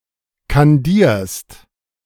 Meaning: second-person singular present of kandieren
- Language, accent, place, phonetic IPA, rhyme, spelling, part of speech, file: German, Germany, Berlin, [kanˈdiːɐ̯st], -iːɐ̯st, kandierst, verb, De-kandierst.ogg